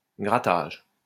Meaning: 1. scraping, scratching 2. erasure 3. grattage
- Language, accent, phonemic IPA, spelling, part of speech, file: French, France, /ɡʁa.taʒ/, grattage, noun, LL-Q150 (fra)-grattage.wav